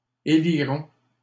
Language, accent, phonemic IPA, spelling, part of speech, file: French, Canada, /e.li.ʁɔ̃/, éliront, verb, LL-Q150 (fra)-éliront.wav
- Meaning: third-person plural future of élire